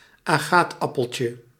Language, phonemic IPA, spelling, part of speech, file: Dutch, /ˈaxtɑpəlce/, aagtappeltje, noun, Nl-aagtappeltje.ogg
- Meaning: diminutive of aagtappel